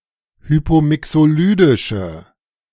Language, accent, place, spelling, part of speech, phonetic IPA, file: German, Germany, Berlin, hypomixolydische, adjective, [ˈhyːpoːˌmɪksoːˌlyːdɪʃə], De-hypomixolydische.ogg
- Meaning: inflection of hypomixolydisch: 1. strong/mixed nominative/accusative feminine singular 2. strong nominative/accusative plural 3. weak nominative all-gender singular